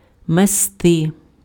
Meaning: 1. to sweep 2. to scatter 3. to swirl 4. to snow strongly, to blizzard
- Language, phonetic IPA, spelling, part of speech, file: Ukrainian, [meˈstɪ], мести, verb, Uk-мести.ogg